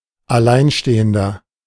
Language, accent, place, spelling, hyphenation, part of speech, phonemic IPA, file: German, Germany, Berlin, Alleinstehender, Al‧lein‧ste‧hen‧der, noun, /aˈlaɪ̯nˌʃteːəndɐ/, De-Alleinstehender.ogg
- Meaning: 1. single man, single person (male or of unspecified gender) 2. inflection of Alleinstehende: strong genitive/dative singular 3. inflection of Alleinstehende: strong genitive plural